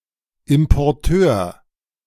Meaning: importer (person or organisation that imports; male of unspecified sex)
- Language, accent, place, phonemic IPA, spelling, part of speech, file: German, Germany, Berlin, /ɪm.pɔrˈtøːr/, Importeur, noun, De-Importeur.ogg